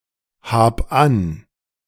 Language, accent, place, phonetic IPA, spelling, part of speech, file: German, Germany, Berlin, [ˌhaːp ˈan], hab an, verb, De-hab an.ogg
- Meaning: singular imperative of anhaben